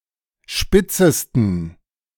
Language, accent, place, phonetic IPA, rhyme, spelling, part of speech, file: German, Germany, Berlin, [ˈʃpɪt͡səstn̩], -ɪt͡səstn̩, spitzesten, adjective, De-spitzesten.ogg
- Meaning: 1. superlative degree of spitz 2. inflection of spitz: strong genitive masculine/neuter singular superlative degree